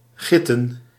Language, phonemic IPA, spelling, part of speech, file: Dutch, /ˈɣɪtə(n)/, gitten, adjective / noun, Nl-gitten.ogg
- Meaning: plural of git